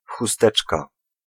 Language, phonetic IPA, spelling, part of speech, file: Polish, [xuˈstɛt͡ʃka], chusteczka, noun, Pl-chusteczka.ogg